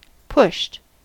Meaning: simple past and past participle of push
- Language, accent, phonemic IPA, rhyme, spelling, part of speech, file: English, US, /pʊʃt/, -ʊʃt, pushed, verb, En-us-pushed.ogg